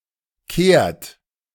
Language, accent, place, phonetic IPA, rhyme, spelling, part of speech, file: German, Germany, Berlin, [keːɐ̯t], -eːɐ̯t, kehrt, verb, De-kehrt.ogg
- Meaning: inflection of kehren: 1. third-person singular present 2. second-person plural present 3. plural imperative